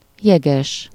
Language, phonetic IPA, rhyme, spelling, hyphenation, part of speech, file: Hungarian, [ˈjɛɡɛʃ], -ɛʃ, jeges, je‧ges, adjective / noun, Hu-jeges.ogg
- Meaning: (adjective) 1. icy, iced, cold as ice, glacial 2. chilly (reception); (noun) iceman (a person who trades in ice)